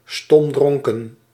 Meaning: pissed drunk, sodden, blottoed
- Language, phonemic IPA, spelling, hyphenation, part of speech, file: Dutch, /ˈstɔmˌdrɔŋ.kə(n)/, stomdronken, stom‧dron‧ken, adjective, Nl-stomdronken.ogg